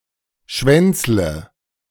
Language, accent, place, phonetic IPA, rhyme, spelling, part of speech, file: German, Germany, Berlin, [ˈʃvɛnt͡slə], -ɛnt͡slə, schwänzle, verb, De-schwänzle.ogg
- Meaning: inflection of schwänzeln: 1. first-person singular present 2. first/third-person singular subjunctive I 3. singular imperative